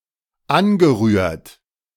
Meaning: past participle of anrühren
- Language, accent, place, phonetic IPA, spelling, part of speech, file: German, Germany, Berlin, [ˈanɡəˌʁyːɐ̯t], angerührt, verb, De-angerührt.ogg